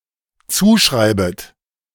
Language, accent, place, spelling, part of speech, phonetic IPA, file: German, Germany, Berlin, zuschreibet, verb, [ˈt͡suːˌʃʁaɪ̯bət], De-zuschreibet.ogg
- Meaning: second-person plural dependent subjunctive I of zuschreiben